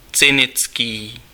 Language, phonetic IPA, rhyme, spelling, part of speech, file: Czech, [ˈt͡sɪnɪt͡skiː], -ɪtskiː, cynický, adjective, Cs-cynický.ogg
- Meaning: cynical